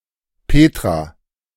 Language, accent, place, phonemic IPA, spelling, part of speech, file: German, Germany, Berlin, /ˈpeːtʁa/, Petra, proper noun, De-Petra.ogg
- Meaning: a female given name from Ancient Greek, masculine equivalent Peter, Petrus, equivalent to English Petra